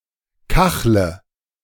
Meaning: inflection of kacheln: 1. first-person singular present 2. first/third-person singular subjunctive I 3. singular imperative
- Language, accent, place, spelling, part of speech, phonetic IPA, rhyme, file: German, Germany, Berlin, kachle, verb, [ˈkaxlə], -axlə, De-kachle.ogg